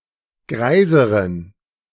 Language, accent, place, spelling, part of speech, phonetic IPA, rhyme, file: German, Germany, Berlin, greiseren, adjective, [ˈɡʁaɪ̯zəʁən], -aɪ̯zəʁən, De-greiseren.ogg
- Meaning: inflection of greis: 1. strong genitive masculine/neuter singular comparative degree 2. weak/mixed genitive/dative all-gender singular comparative degree